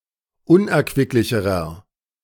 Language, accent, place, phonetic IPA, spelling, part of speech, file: German, Germany, Berlin, [ˈʊnʔɛɐ̯kvɪklɪçəʁɐ], unerquicklicherer, adjective, De-unerquicklicherer.ogg
- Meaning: inflection of unerquicklich: 1. strong/mixed nominative masculine singular comparative degree 2. strong genitive/dative feminine singular comparative degree